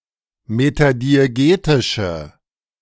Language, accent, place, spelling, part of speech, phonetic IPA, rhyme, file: German, Germany, Berlin, metadiegetische, adjective, [ˌmetadieˈɡeːtɪʃə], -eːtɪʃə, De-metadiegetische.ogg
- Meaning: inflection of metadiegetisch: 1. strong/mixed nominative/accusative feminine singular 2. strong nominative/accusative plural 3. weak nominative all-gender singular